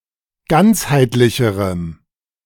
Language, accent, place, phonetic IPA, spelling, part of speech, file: German, Germany, Berlin, [ˈɡant͡shaɪ̯tlɪçəʁəm], ganzheitlicherem, adjective, De-ganzheitlicherem.ogg
- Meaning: strong dative masculine/neuter singular comparative degree of ganzheitlich